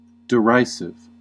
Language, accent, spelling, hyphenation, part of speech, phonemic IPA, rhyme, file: English, US, derisive, de‧ri‧sive, adjective / noun, /dɪˈraɪsɪv/, -aɪsɪv, En-us-derisive.ogg
- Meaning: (adjective) 1. Expressing or characterized by derision; mocking; ridiculing 2. Deserving or provoking derision or ridicule; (noun) A derisive remark